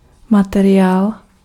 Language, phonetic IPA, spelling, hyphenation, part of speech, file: Czech, [ˈmatɛrɪjaːl], materiál, ma‧te‧riál, noun, Cs-materiál.ogg
- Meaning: material (matter which may be shaped or manipulated)